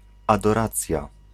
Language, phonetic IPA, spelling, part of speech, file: Polish, [ˌadɔˈrat͡sʲja], adoracja, noun, Pl-adoracja.ogg